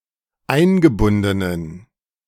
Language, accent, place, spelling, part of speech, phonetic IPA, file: German, Germany, Berlin, eingebundenen, adjective, [ˈaɪ̯nɡəˌbʊndənən], De-eingebundenen.ogg
- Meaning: inflection of eingebunden: 1. strong genitive masculine/neuter singular 2. weak/mixed genitive/dative all-gender singular 3. strong/weak/mixed accusative masculine singular 4. strong dative plural